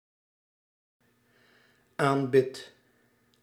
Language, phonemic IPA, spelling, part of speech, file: Dutch, /ˈambɪt/, aanbid, verb, Nl-aanbid.ogg
- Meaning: inflection of aanbidden: 1. first-person singular present indicative 2. second-person singular present indicative 3. imperative